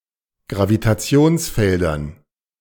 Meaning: dative plural of Gravitationsfeld
- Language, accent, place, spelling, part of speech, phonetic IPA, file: German, Germany, Berlin, Gravitationsfeldern, noun, [ɡʁavitaˈt͡si̯oːnsˌfɛldɐn], De-Gravitationsfeldern.ogg